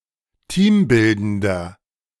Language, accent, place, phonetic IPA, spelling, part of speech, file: German, Germany, Berlin, [ˈtiːmˌbɪldəndɐ], teambildender, adjective, De-teambildender.ogg
- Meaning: inflection of teambildend: 1. strong/mixed nominative masculine singular 2. strong genitive/dative feminine singular 3. strong genitive plural